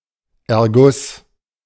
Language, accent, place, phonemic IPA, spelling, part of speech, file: German, Germany, Berlin, /ɛɐ̯ˈɡʊs/, Erguss, noun, De-Erguss.ogg
- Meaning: 1. leakage of fluid to another area 2. emergence of feelings in words